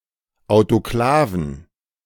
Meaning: plural of Autoklav
- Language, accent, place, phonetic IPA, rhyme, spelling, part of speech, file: German, Germany, Berlin, [aʊ̯toˈklaːvn̩], -aːvn̩, Autoklaven, noun, De-Autoklaven.ogg